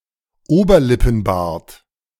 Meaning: moustache
- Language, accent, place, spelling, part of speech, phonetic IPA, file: German, Germany, Berlin, Oberlippenbart, noun, [ˈoːbɐlɪpn̩ˌbaːɐ̯t], De-Oberlippenbart.ogg